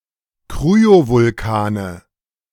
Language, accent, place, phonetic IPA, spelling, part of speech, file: German, Germany, Berlin, [ˈkʁyovʊlˌkaːnə], Kryovulkane, noun, De-Kryovulkane.ogg
- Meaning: nominative/accusative/genitive plural of Kryovulkan